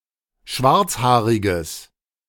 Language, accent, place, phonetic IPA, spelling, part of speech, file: German, Germany, Berlin, [ˈʃvaʁt͡sˌhaːʁɪɡəs], schwarzhaariges, adjective, De-schwarzhaariges.ogg
- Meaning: strong/mixed nominative/accusative neuter singular of schwarzhaarig